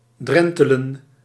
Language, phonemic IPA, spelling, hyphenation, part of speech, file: Dutch, /ˈdrɛn.tə.lə(n)/, drentelen, dren‧te‧len, verb, Nl-drentelen.ogg
- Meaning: to stroll, to walk leisurely and slowly